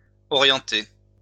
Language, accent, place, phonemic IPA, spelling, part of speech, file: French, France, Lyon, /ɔ.ʁjɑ̃.te/, orienté, verb / adjective, LL-Q150 (fra)-orienté.wav
- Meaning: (verb) past participle of orienter; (adjective) 1. orientated 2. guided